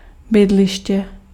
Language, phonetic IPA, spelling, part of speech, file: Czech, [ˈbɪdlɪʃcɛ], bydliště, noun, Cs-bydliště.ogg
- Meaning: address, abode